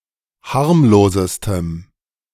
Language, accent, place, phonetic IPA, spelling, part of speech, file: German, Germany, Berlin, [ˈhaʁmloːzəstəm], harmlosestem, adjective, De-harmlosestem.ogg
- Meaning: strong dative masculine/neuter singular superlative degree of harmlos